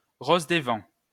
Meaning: 1. compass rose 2. wind rose
- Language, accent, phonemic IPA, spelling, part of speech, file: French, France, /ʁoz de vɑ̃/, rose des vents, noun, LL-Q150 (fra)-rose des vents.wav